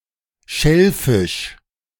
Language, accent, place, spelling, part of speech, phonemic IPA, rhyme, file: German, Germany, Berlin, Schellfisch, noun, /ˈʃɛlˌfɪʃ/, -ɪʃ, De-Schellfisch.ogg
- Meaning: haddock (marine fish)